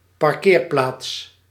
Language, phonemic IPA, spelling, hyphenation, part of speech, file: Dutch, /pɑrˈkeːrˌplaːts/, parkeerplaats, par‧keer‧plaats, noun, Nl-parkeerplaats.ogg
- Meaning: 1. a parking space (space for one vehicle) 2. a parking lot, a car park (several spaces for vehicles)